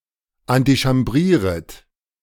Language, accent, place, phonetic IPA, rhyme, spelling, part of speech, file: German, Germany, Berlin, [antiʃamˈbʁiːʁət], -iːʁət, antichambrieret, verb, De-antichambrieret.ogg
- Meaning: second-person plural subjunctive I of antichambrieren